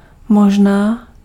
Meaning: maybe, perhaps
- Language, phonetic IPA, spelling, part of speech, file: Czech, [ˈmoʒnaː], možná, adverb, Cs-možná.ogg